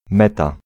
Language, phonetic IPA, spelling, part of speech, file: Polish, [ˈmɛta], meta, noun, Pl-meta.ogg